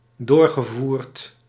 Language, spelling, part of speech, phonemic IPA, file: Dutch, doorgevoerd, verb, /ˈdorɣəˌvurt/, Nl-doorgevoerd.ogg
- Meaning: past participle of doorvoeren